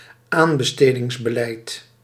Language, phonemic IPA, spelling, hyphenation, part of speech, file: Dutch, /ˈaːn.bə.steː.dɪŋs.bəˌlɛi̯t/, aanbestedingsbeleid, aan‧be‧ste‧dings‧be‧leid, noun, Nl-aanbestedingsbeleid.ogg
- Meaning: tendering policy